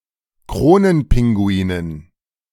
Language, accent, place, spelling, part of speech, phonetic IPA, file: German, Germany, Berlin, Kronenpinguinen, noun, [ˈkʁoːnənˌpɪŋɡuiːnən], De-Kronenpinguinen.ogg
- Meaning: dative plural of Kronenpinguin